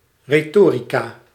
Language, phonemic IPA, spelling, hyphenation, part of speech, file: Dutch, /reˈtorika/, retorica, re‧to‧ri‧ca, noun, Nl-retorica.ogg
- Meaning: 1. rhetoric 2. the particular angle or line of reasoning adopted in a text, speech, or narrative in order to convince the audience of a given viewpoint